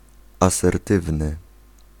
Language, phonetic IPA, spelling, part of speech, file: Polish, [ˌasɛrˈtɨvnɨ], asertywny, adjective, Pl-asertywny.ogg